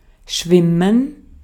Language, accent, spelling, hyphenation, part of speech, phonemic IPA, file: German, Austria, schwimmen, schwim‧men, verb, /ˈʃvɪmən/, De-at-schwimmen.ogg
- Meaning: 1. to swim (to use swimming motions to move in the water) 2. to swim (for pleasure, as a sport, etc.) 3. to swim (a certain distance) 4. to transport by floating 5. to float, to be floating